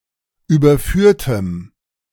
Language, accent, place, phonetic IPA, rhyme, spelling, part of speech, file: German, Germany, Berlin, [ˌyːbɐˈfyːɐ̯təm], -yːɐ̯təm, überführtem, adjective, De-überführtem.ogg
- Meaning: strong dative masculine/neuter singular of überführt